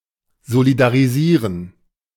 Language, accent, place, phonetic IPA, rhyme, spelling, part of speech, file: German, Germany, Berlin, [zolidaʁiˈziːʁən], -iːʁən, solidarisieren, verb, De-solidarisieren.ogg
- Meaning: to declare one's solidarity